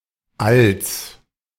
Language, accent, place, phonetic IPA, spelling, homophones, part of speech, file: German, Germany, Berlin, [ʔals], Alls, als, noun, De-Alls.ogg
- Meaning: genitive singular of All